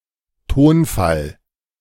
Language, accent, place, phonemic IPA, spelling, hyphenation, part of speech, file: German, Germany, Berlin, /ˈtoːnˌfal/, Tonfall, Ton‧fall, noun, De-Tonfall.ogg
- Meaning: 1. tone (of voice) 2. intonation